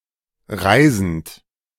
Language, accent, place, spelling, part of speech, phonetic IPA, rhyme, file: German, Germany, Berlin, reisend, verb, [ˈʁaɪ̯zn̩t], -aɪ̯zn̩t, De-reisend.ogg
- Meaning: present participle of reisen